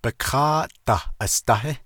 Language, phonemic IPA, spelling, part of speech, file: Navajo, /pɪ̀kʰɑ́ːʔ tɑ̀h ʔɑ̀stɑ́hɪ́/, bikááʼ dah asdáhí, noun, Nv-bikááʼ dah asdáhí.ogg
- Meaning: chair, seat, bench